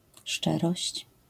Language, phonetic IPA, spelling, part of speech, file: Polish, [ˈʃt͡ʃɛrɔɕt͡ɕ], szczerość, noun, LL-Q809 (pol)-szczerość.wav